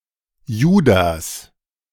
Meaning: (proper noun) a male given name: 1. Judas 2. Judas/Jude; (noun) Judas, traitor
- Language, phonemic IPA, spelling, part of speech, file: German, /ˈjuːdas/, Judas, proper noun / noun, De-Judas.ogg